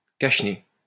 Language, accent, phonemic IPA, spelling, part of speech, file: French, France, /kaʃ.ne/, cache-nez, noun, LL-Q150 (fra)-cache-nez.wav
- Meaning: scarf, muffler